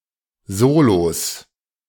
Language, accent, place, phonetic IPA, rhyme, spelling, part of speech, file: German, Germany, Berlin, [ˈzoːlos], -oːlos, Solos, noun, De-Solos.ogg
- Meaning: plural of Solo